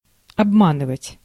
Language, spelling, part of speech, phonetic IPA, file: Russian, обманывать, verb, [ɐbˈmanɨvətʲ], Ru-обманывать.ogg
- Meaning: 1. to deceive, to cheat, to trick, to swindle 2. to disappoint, to let down